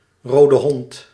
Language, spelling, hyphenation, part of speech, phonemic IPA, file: Dutch, rodehond, ro‧de‧hond, noun, /ˌroː.dəˈɦɔnt/, Nl-rodehond.ogg
- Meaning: rubella, German measles